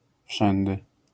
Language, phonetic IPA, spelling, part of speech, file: Polish, [ˈfʃɛ̃ndɨ], wszędy, adverb, LL-Q809 (pol)-wszędy.wav